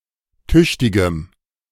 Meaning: strong dative masculine/neuter singular of tüchtig
- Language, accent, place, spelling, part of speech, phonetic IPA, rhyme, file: German, Germany, Berlin, tüchtigem, adjective, [ˈtʏçtɪɡəm], -ʏçtɪɡəm, De-tüchtigem.ogg